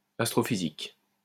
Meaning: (adjective) astrophysical; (noun) astrophysics
- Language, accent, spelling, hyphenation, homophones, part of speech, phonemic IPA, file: French, France, astrophysique, as‧tro‧phy‧sique, astrophysiques, adjective / noun, /as.tʁɔ.fi.zik/, LL-Q150 (fra)-astrophysique.wav